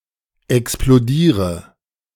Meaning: inflection of explodieren: 1. first-person singular present 2. singular imperative 3. first/third-person singular subjunctive I
- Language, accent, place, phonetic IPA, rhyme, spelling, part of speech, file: German, Germany, Berlin, [ɛksploˈdiːʁə], -iːʁə, explodiere, verb, De-explodiere.ogg